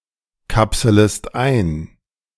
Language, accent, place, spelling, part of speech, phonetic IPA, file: German, Germany, Berlin, kapselest ein, verb, [ˌkapsələst ˈaɪ̯n], De-kapselest ein.ogg
- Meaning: second-person singular subjunctive I of einkapseln